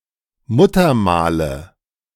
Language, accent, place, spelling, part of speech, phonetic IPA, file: German, Germany, Berlin, Muttermale, noun, [ˈmuːtɐˌmaːlə], De-Muttermale.ogg
- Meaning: nominative/accusative/genitive plural of Muttermal